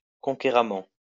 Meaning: conqueringly
- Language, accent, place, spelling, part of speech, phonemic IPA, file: French, France, Lyon, conquéramment, adverb, /kɔ̃.ke.ʁa.mɑ̃/, LL-Q150 (fra)-conquéramment.wav